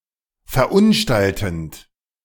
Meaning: present participle of verunstalten
- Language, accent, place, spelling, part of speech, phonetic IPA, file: German, Germany, Berlin, verunstaltend, verb, [fɛɐ̯ˈʔʊnˌʃtaltn̩t], De-verunstaltend.ogg